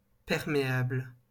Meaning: permeable
- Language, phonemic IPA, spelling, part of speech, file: French, /pɛʁ.me.abl/, perméable, adjective, LL-Q150 (fra)-perméable.wav